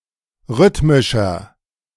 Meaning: inflection of rhythmisch: 1. strong/mixed nominative masculine singular 2. strong genitive/dative feminine singular 3. strong genitive plural
- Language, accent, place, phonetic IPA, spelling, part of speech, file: German, Germany, Berlin, [ˈʁʏtmɪʃɐ], rhythmischer, adjective, De-rhythmischer.ogg